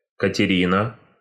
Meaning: a female given name, Katerina, equivalent to English Catherine
- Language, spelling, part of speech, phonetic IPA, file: Russian, Катерина, proper noun, [kətʲɪˈrʲinə], Ru-Катерина.ogg